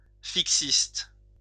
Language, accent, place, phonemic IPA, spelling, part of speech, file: French, France, Lyon, /fik.sist/, fixiste, adjective / noun, LL-Q150 (fra)-fixiste.wav
- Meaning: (adjective) fixist